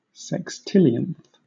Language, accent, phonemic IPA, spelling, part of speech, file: English, Southern England, /sɛksˈtɪl.i.ənθ/, sextillionth, adjective / noun, LL-Q1860 (eng)-sextillionth.wav
- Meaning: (adjective) The ordinal form of the number one sextillion; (noun) 1. The person or thing in the sextillionth position 2. One of a sextillion equal parts of a whole